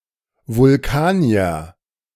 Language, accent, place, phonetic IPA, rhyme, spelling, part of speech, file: German, Germany, Berlin, [vʊlˈkaːni̯ɐ], -aːni̯ɐ, Vulkanier, noun, De-Vulkanier.ogg
- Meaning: Vulcan; A member of the humanoid race inhabiting the fictional planet Vulcan